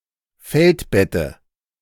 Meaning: dative singular of Feldbett
- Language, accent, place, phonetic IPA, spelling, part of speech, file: German, Germany, Berlin, [ˈfɛltˌbɛtə], Feldbette, noun, De-Feldbette.ogg